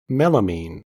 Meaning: A strong aromatic heterocyclic base, triaminotriazine, used in combination with formaldehyde to manufacture melamine resins; any such resin, such as Formica
- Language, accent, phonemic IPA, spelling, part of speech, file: English, US, /ˈmɛl.ə.min/, melamine, noun, En-us-melamine.ogg